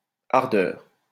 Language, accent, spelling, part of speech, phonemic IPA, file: French, France, hardeur, noun, /aʁ.dœʁ/, LL-Q150 (fra)-hardeur.wav
- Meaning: male (hardcore) porn star